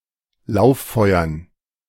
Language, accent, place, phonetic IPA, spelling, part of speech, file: German, Germany, Berlin, [ˈlaʊ̯fˌfɔɪ̯ɐn], Lauffeuern, noun, De-Lauffeuern.ogg
- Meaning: dative plural of Lauffeuer